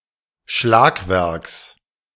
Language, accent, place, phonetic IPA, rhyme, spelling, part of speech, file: German, Germany, Berlin, [ˈʃlaːkˌvɛʁks], -aːkvɛʁks, Schlagwerks, noun, De-Schlagwerks.ogg
- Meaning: genitive singular of Schlagwerk